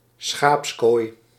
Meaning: sheepfold
- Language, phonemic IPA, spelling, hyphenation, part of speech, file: Dutch, /ˈsxaːps.koːi̯/, schaapskooi, schaaps‧kooi, noun, Nl-schaapskooi.ogg